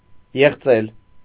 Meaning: to refute
- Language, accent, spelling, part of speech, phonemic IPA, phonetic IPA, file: Armenian, Eastern Armenian, եղծել, verb, /jeχˈt͡sel/, [jeχt͡sél], Hy-եղծել.ogg